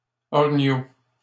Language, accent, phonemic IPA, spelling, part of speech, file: French, Canada, /ɔ.ʁi.ɲo/, orignaux, noun, LL-Q150 (fra)-orignaux.wav
- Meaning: plural of orignal